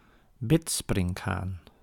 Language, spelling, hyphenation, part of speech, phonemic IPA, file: Dutch, bidsprinkhaan, bid‧sprink‧haan, noun, /ˈbɪtsprɪŋk(ɦ)aːn/, Nl-bidsprinkhaan.ogg
- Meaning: a praying mantis, any of various predatory insects of the order Mantodea